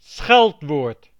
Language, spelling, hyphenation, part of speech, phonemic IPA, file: Dutch, scheldwoord, scheld‧woord, noun, /ˈsxɛlt.ʋoːrt/, Nl-scheldwoord.ogg
- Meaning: insult, invective, pejorative